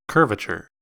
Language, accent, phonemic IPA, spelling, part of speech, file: English, US, /ˈkɜɹ.və.tʃəɹ/, curvature, noun, En-us-curvature.ogg
- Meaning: 1. The shape of something curved 2. The extent to which a subspace is curved within a metric space 3. The extent to which a Riemannian manifold is intrinsically curved